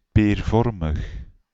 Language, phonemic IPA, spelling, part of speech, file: Dutch, /perˈvɔrməx/, peervormig, adjective, Nl-peervormig.ogg
- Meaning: pear-shaped